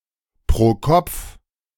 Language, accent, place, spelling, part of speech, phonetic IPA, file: German, Germany, Berlin, pro Kopf, phrase, [pʁoː ˈkɔp͡f], De-pro Kopf.ogg
- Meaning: per capita